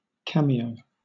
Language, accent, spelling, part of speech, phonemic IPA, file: English, Southern England, cameo, noun / verb, /ˈkæm.iː.əʊ/, LL-Q1860 (eng)-cameo.wav
- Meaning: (noun) 1. A piece of jewelry, etc., carved in relief 2. A single very brief appearance, especially by a prominent celebrity in a movie or song; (verb) To appear in a cameo role